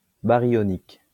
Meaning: baryonic
- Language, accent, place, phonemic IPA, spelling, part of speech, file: French, France, Lyon, /ba.ʁjɔ.nik/, baryonique, adjective, LL-Q150 (fra)-baryonique.wav